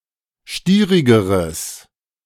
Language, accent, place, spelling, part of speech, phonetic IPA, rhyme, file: German, Germany, Berlin, stierigeres, adjective, [ˈʃtiːʁɪɡəʁəs], -iːʁɪɡəʁəs, De-stierigeres.ogg
- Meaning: strong/mixed nominative/accusative neuter singular comparative degree of stierig